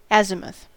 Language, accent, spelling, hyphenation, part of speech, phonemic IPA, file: English, General American, azimuth, azi‧muth, noun, /ˈæzɪməθ/, En-us-azimuth.ogg
- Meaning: 1. An arc of the horizon intercepted between the meridian of the place and a vertical circle passing through the center of any object 2. The quadrant of an azimuth circle